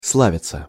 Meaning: 1. to be famous (for), to be famed (for), to be renowned (for), to have a reputation (for) 2. to glory (to), all hail 3. passive of сла́вить (slávitʹ)
- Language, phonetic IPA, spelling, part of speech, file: Russian, [ˈsɫavʲɪt͡sə], славиться, verb, Ru-славиться.ogg